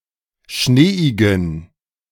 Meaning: inflection of schneeig: 1. strong genitive masculine/neuter singular 2. weak/mixed genitive/dative all-gender singular 3. strong/weak/mixed accusative masculine singular 4. strong dative plural
- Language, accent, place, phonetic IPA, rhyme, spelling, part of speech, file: German, Germany, Berlin, [ˈʃneːɪɡn̩], -eːɪɡn̩, schneeigen, adjective, De-schneeigen.ogg